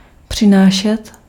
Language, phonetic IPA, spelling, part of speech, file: Czech, [ˈpr̝̊ɪnaːʃɛt], přinášet, verb, Cs-přinášet.ogg
- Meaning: imperfective form of přinést